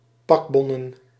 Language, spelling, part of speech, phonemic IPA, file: Dutch, pakbonnen, noun, /ˈpɑɡbɔnə(n)/, Nl-pakbonnen.ogg
- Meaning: plural of pakbon